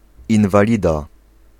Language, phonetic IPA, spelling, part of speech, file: Polish, [ˌĩnvaˈlʲida], inwalida, noun, Pl-inwalida.ogg